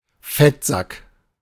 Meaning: fatso
- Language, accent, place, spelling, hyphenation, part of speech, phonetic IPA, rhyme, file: German, Germany, Berlin, Fettsack, Fett‧sack, noun, [ˈfɛtˌzak], -ak, De-Fettsack.ogg